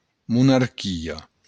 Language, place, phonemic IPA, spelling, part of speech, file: Occitan, Béarn, /munaɾˈkio/, monarquia, noun, LL-Q14185 (oci)-monarquia.wav
- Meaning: monarchy